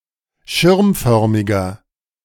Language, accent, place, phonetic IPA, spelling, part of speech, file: German, Germany, Berlin, [ˈʃɪʁmˌfœʁmɪɡɐ], schirmförmiger, adjective, De-schirmförmiger.ogg
- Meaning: inflection of schirmförmig: 1. strong/mixed nominative masculine singular 2. strong genitive/dative feminine singular 3. strong genitive plural